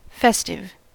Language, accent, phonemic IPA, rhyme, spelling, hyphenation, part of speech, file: English, US, /ˈfɛstɪv/, -ɛstɪv, festive, fes‧tive, adjective, En-us-festive.ogg
- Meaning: 1. Having the atmosphere, decoration, or attitude of a festival, holiday, or celebration 2. In the mood to celebrate